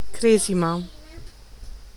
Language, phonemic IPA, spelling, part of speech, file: Italian, /ˈkrɛzima/, cresima, noun / verb, It-cresima.ogg